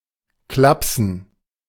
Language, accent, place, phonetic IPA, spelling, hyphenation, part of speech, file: German, Germany, Berlin, [ˈklapsn̩], klapsen, klap‧sen, verb, De-klapsen.ogg
- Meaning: 1. to slap (to smack (lightly)) 2. to make a slapping noise